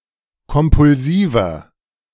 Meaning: 1. comparative degree of kompulsiv 2. inflection of kompulsiv: strong/mixed nominative masculine singular 3. inflection of kompulsiv: strong genitive/dative feminine singular
- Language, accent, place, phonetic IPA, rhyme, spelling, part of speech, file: German, Germany, Berlin, [kɔmpʊlˈziːvɐ], -iːvɐ, kompulsiver, adjective, De-kompulsiver.ogg